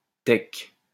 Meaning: theca
- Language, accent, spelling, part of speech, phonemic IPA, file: French, France, thèque, noun, /tɛk/, LL-Q150 (fra)-thèque.wav